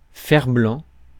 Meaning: tin, tinplate
- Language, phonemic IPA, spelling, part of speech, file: French, /fɛʁ.blɑ̃/, fer-blanc, noun, Fr-fer-blanc.ogg